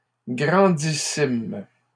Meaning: plural of grandissime
- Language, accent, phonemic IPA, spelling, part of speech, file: French, Canada, /ɡʁɑ̃.di.sim/, grandissimes, adjective, LL-Q150 (fra)-grandissimes.wav